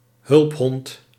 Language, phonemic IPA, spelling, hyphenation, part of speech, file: Dutch, /ˈɦʏlp.ɦɔnt/, hulphond, hulp‧hond, noun, Nl-hulphond.ogg
- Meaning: an assistance dog (UK), a service dog (US) (dog trained for aiding people with (chiefly non-visual and non-auditive) disabilities or disorders)